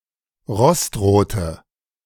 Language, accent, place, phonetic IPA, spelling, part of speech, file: German, Germany, Berlin, [ˈʁɔstˌʁoːtə], rostrote, adjective, De-rostrote.ogg
- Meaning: inflection of rostrot: 1. strong/mixed nominative/accusative feminine singular 2. strong nominative/accusative plural 3. weak nominative all-gender singular 4. weak accusative feminine/neuter singular